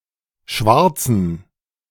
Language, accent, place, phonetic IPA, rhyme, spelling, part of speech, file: German, Germany, Berlin, [ˈʃvaʁt͡sn̩], -aʁt͡sn̩, Schwarzen, noun, De-Schwarzen.ogg
- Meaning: inflection of Schwarzer: 1. strong genitive/accusative singular 2. strong dative plural 3. weak/mixed genitive/dative/accusative singular 4. weak/mixed all-case plural